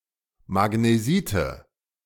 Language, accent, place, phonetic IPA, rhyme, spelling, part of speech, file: German, Germany, Berlin, [maɡneˈziːtə], -iːtə, Magnesite, noun, De-Magnesite.ogg
- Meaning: nominative/accusative/genitive plural of Magnesit